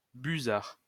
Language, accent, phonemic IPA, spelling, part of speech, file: French, France, /by.zaʁ/, busard, noun, LL-Q150 (fra)-busard.wav
- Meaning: harrier